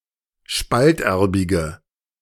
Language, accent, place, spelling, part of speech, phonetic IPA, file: German, Germany, Berlin, spalterbige, adjective, [ˈʃpaltˌʔɛʁbɪɡə], De-spalterbige.ogg
- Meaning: inflection of spalterbig: 1. strong/mixed nominative/accusative feminine singular 2. strong nominative/accusative plural 3. weak nominative all-gender singular